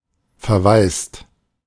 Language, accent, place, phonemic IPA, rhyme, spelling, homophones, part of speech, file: German, Germany, Berlin, /feʁˈvaɪ̯st/, -aɪ̯st, verwaist, verweist, verb / adjective, De-verwaist.ogg
- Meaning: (verb) past participle of verwaisen; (adjective) 1. orphaned 2. abandoned, vacant